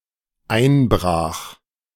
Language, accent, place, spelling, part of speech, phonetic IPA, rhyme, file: German, Germany, Berlin, einbrach, verb, [ˈaɪ̯nˌbʁaːx], -aɪ̯nbʁaːx, De-einbrach.ogg
- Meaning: first/third-person singular dependent preterite of einbrechen